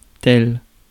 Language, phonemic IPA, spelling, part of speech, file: French, /tɛl/, tel, adjective / conjunction / pronoun, Fr-tel.ogg
- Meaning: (adjective) such; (conjunction) 1. like, as 2. such as; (pronoun) one (impersonal pronoun)